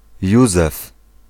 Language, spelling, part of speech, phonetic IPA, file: Polish, Józef, proper noun, [ˈjuzɛf], Pl-Józef.ogg